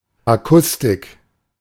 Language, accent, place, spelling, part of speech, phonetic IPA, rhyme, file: German, Germany, Berlin, Akustik, noun, [ˌaˈkʊstɪk], -ʊstɪk, De-Akustik.ogg
- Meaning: acoustic, acoustics